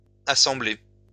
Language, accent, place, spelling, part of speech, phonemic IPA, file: French, France, Lyon, assemblé, verb, /a.sɑ̃.ble/, LL-Q150 (fra)-assemblé.wav
- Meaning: past participle of assembler